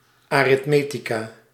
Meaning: arithmetic
- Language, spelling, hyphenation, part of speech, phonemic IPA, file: Dutch, aritmetica, arit‧me‧ti‧ca, noun, /aː.rɪtˈmeː.ti.kaː/, Nl-aritmetica.ogg